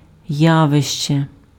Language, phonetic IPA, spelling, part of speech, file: Ukrainian, [ˈjaʋeʃt͡ʃe], явище, noun, Uk-явище.ogg
- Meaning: 1. phenomenon 2. event, fact 3. property, feature 4. sphere, branch 5. phenomenon (unusual, outstanding person) 6. phenomenon (rare, exceptional animal)